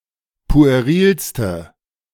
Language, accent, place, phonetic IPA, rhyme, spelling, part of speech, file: German, Germany, Berlin, [pu̯eˈʁiːlstə], -iːlstə, puerilste, adjective, De-puerilste.ogg
- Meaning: inflection of pueril: 1. strong/mixed nominative/accusative feminine singular superlative degree 2. strong nominative/accusative plural superlative degree